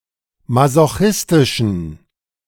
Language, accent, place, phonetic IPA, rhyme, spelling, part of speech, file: German, Germany, Berlin, [mazoˈxɪstɪʃn̩], -ɪstɪʃn̩, masochistischen, adjective, De-masochistischen.ogg
- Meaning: inflection of masochistisch: 1. strong genitive masculine/neuter singular 2. weak/mixed genitive/dative all-gender singular 3. strong/weak/mixed accusative masculine singular 4. strong dative plural